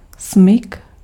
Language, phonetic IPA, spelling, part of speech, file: Czech, [ˈsmɪk], smyk, noun, Cs-smyk.ogg
- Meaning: skid